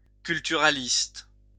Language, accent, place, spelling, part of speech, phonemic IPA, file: French, France, Lyon, culturaliste, adjective / noun, /kyl.ty.ʁa.list/, LL-Q150 (fra)-culturaliste.wav
- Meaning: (adjective) culturalist